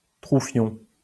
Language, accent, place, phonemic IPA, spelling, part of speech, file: French, France, Lyon, /tʁu.fjɔ̃/, troufion, noun, LL-Q150 (fra)-troufion.wav
- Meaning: 1. lower rank soldier 2. anus